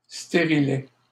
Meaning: coil, intrauterine device
- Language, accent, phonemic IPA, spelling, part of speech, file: French, Canada, /ste.ʁi.lɛ/, stérilet, noun, LL-Q150 (fra)-stérilet.wav